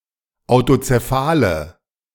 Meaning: inflection of autozephal: 1. strong/mixed nominative/accusative feminine singular 2. strong nominative/accusative plural 3. weak nominative all-gender singular
- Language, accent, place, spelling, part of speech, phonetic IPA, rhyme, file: German, Germany, Berlin, autozephale, adjective, [aʊ̯tot͡seˈfaːlə], -aːlə, De-autozephale.ogg